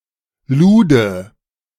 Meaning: pimp
- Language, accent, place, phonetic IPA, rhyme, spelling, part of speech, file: German, Germany, Berlin, [ˈluːdə], -uːdə, Lude, noun, De-Lude.ogg